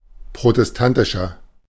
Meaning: inflection of protestantisch: 1. strong/mixed nominative masculine singular 2. strong genitive/dative feminine singular 3. strong genitive plural
- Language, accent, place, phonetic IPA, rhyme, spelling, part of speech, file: German, Germany, Berlin, [pʁotɛsˈtantɪʃɐ], -antɪʃɐ, protestantischer, adjective, De-protestantischer.ogg